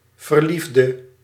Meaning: inflection of verlieven: 1. singular past indicative 2. singular past subjunctive
- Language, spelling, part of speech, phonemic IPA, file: Dutch, verliefde, verb / adjective / noun, /vərˈlivdə/, Nl-verliefde.ogg